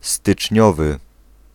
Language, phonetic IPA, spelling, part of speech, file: Polish, [stɨt͡ʃʲˈɲɔvɨ], styczniowy, adjective, Pl-styczniowy.ogg